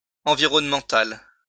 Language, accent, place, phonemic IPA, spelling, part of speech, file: French, France, Lyon, /ɑ̃.vi.ʁɔn.mɑ̃.tal/, environnemental, adjective, LL-Q150 (fra)-environnemental.wav
- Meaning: environmental